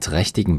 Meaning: inflection of trächtig: 1. strong genitive masculine/neuter singular 2. weak/mixed genitive/dative all-gender singular 3. strong/weak/mixed accusative masculine singular 4. strong dative plural
- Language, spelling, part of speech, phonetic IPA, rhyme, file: German, trächtigen, adjective, [ˈtʁɛçtɪɡn̩], -ɛçtɪɡn̩, De-trächtigen.ogg